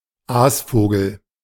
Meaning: 1. bird feeding on carrion 2. vulture, a person who profits from the suffering of others
- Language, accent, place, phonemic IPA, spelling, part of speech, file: German, Germany, Berlin, /ˈaːsfoːɡl̩/, Aasvogel, noun, De-Aasvogel.ogg